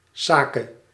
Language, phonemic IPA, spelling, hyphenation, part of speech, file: Dutch, /ˈsaː.keː/, sake, sa‧ke, noun, Nl-sake.ogg
- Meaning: sake (Japanese rice wine)